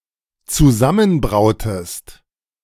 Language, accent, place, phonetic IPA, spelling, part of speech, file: German, Germany, Berlin, [t͡suˈzamənˌbʁaʊ̯təst], zusammenbrautest, verb, De-zusammenbrautest.ogg
- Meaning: inflection of zusammenbrauen: 1. second-person singular dependent preterite 2. second-person singular dependent subjunctive II